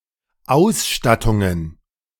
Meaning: plural of Ausstattung
- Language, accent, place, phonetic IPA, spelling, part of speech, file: German, Germany, Berlin, [ˈaʊ̯sˌʃtatʊŋən], Ausstattungen, noun, De-Ausstattungen.ogg